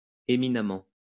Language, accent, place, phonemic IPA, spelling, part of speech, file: French, France, Lyon, /e.mi.na.mɑ̃/, éminemment, adverb, LL-Q150 (fra)-éminemment.wav
- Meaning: eminently (in an eminent manner)